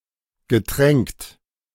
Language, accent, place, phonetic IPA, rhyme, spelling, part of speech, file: German, Germany, Berlin, [ɡəˈtʁɛŋkt], -ɛŋkt, getränkt, adjective / verb, De-getränkt.ogg
- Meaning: past participle of tränken